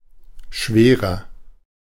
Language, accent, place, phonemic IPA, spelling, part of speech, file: German, Germany, Berlin, /ˈʃveːʁɐ/, schwerer, adjective, De-schwerer.ogg
- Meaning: 1. comparative degree of schwer 2. inflection of schwer: strong/mixed nominative masculine singular 3. inflection of schwer: strong genitive/dative feminine singular